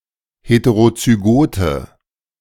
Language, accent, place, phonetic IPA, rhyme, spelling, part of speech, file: German, Germany, Berlin, [ˌheteʁot͡syˈɡoːtə], -oːtə, heterozygote, adjective, De-heterozygote.ogg
- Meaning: inflection of heterozygot: 1. strong/mixed nominative/accusative feminine singular 2. strong nominative/accusative plural 3. weak nominative all-gender singular